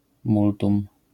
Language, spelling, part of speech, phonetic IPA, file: Polish, multum, numeral, [ˈmultũm], LL-Q809 (pol)-multum.wav